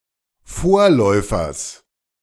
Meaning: genitive singular of Vorläufer
- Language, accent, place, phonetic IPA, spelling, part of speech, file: German, Germany, Berlin, [ˈfoːɐ̯ˌlɔɪ̯fɐs], Vorläufers, noun, De-Vorläufers.ogg